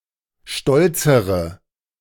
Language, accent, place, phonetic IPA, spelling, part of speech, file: German, Germany, Berlin, [ˈʃtɔlt͡səʁə], stolzere, adjective, De-stolzere.ogg
- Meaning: inflection of stolz: 1. strong/mixed nominative/accusative feminine singular comparative degree 2. strong nominative/accusative plural comparative degree